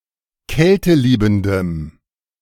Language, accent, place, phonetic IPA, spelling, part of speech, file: German, Germany, Berlin, [ˈkɛltəˌliːbm̩dəm], kälteliebendem, adjective, De-kälteliebendem.ogg
- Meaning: strong dative masculine/neuter singular of kälteliebend